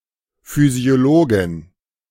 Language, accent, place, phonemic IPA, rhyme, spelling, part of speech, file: German, Germany, Berlin, /fyzioˈloːɡɪn/, -oːɡɪn, Physiologin, noun, De-Physiologin.ogg
- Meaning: physiologist (woman who studies or specializes in physiology)